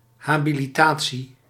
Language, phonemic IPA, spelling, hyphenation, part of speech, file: Dutch, /ˌɦaː.bi.liˈtaː.(t)si/, habilitatie, ha‧bi‧li‧ta‧tie, noun, Nl-habilitatie.ogg
- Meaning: habilitation (academic qualification)